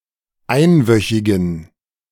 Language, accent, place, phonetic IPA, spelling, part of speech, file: German, Germany, Berlin, [ˈaɪ̯nˌvœçɪɡn̩], einwöchigen, adjective, De-einwöchigen.ogg
- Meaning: inflection of einwöchig: 1. strong genitive masculine/neuter singular 2. weak/mixed genitive/dative all-gender singular 3. strong/weak/mixed accusative masculine singular 4. strong dative plural